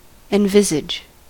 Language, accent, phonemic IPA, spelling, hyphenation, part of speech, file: English, US, /ɛnˈvɪzɪd͡ʒ/, envisage, en‧vis‧age, verb, En-us-envisage.ogg
- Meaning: To conceive or see something within one's mind; to imagine or envision